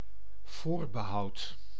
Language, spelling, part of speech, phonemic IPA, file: Dutch, voorbehoud, noun / verb, /ˈvorbəˌhɑut/, Nl-voorbehoud.ogg
- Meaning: first-person singular dependent-clause present indicative of voorbehouden